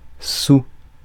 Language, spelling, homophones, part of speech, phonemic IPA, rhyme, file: French, sou, sous / saoul / saouls / soul / soûl / souls / soûls, noun, /su/, -u, Fr-sou.ogg
- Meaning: 1. sou (old French coin) 2. money; cash 3. cent (one hundredth of a dollar)